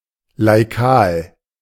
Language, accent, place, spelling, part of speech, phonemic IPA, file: German, Germany, Berlin, laikal, adjective, /laiˈkaːl/, De-laikal.ogg
- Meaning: lay, laical